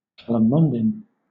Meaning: 1. A small decorative evergreen citrus tree, of the hybrid Citrus × microcarpa (syn. ×Citrofortunella mitis), sometimes cultivated for its fruit 2. The fruit of this tree
- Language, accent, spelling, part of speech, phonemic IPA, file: English, Southern England, calamondin, noun, /ˌkæləˈmɒndɪn/, LL-Q1860 (eng)-calamondin.wav